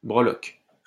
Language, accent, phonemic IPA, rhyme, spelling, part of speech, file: French, France, /bʁə.lɔk/, -ɔk, breloque, noun, LL-Q150 (fra)-breloque.wav
- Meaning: breloque, charm (for bracelet)